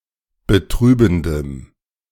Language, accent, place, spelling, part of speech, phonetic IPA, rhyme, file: German, Germany, Berlin, betrübendem, adjective, [bəˈtʁyːbn̩dəm], -yːbn̩dəm, De-betrübendem.ogg
- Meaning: strong dative masculine/neuter singular of betrübend